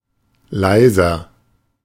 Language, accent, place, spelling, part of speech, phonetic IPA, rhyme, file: German, Germany, Berlin, leiser, adjective, [ˈlaɪ̯zɐ], -aɪ̯zɐ, De-leiser.ogg
- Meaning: 1. comparative degree of leise 2. inflection of leise: strong/mixed nominative masculine singular 3. inflection of leise: strong genitive/dative feminine singular